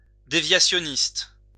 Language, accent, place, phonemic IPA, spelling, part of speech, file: French, France, Lyon, /de.vja.sjɔ.nist/, déviationniste, adjective / noun, LL-Q150 (fra)-déviationniste.wav
- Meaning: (adjective) deviationist